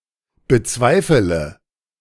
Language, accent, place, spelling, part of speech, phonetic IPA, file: German, Germany, Berlin, bezweifele, verb, [bəˈt͡svaɪ̯fələ], De-bezweifele.ogg
- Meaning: inflection of bezweifeln: 1. first-person singular present 2. first/third-person singular subjunctive I 3. singular imperative